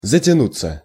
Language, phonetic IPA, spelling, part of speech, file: Russian, [zətʲɪˈnut͡sːə], затянуться, verb, Ru-затянуться.ogg
- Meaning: 1. to be tightened, to jam 2. to grow overcast 3. to skin over, to heal (of wounds) 4. to be delayed, to be dragged out 5. to inhale (cigarette, cigar, smoking pipe)